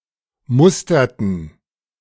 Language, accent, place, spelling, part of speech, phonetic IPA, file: German, Germany, Berlin, musterten, verb, [ˈmʊstɐtn̩], De-musterten.ogg
- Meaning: inflection of mustern: 1. first/third-person plural preterite 2. first/third-person plural subjunctive II